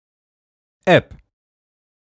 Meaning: app
- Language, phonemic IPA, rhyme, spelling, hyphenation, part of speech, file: German, /ɛp/, -ɛp, App, App, noun, De-App.ogg